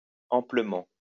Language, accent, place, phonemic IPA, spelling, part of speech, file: French, France, Lyon, /ɑ̃.plə.mɑ̃/, amplement, adverb, LL-Q150 (fra)-amplement.wav
- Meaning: amply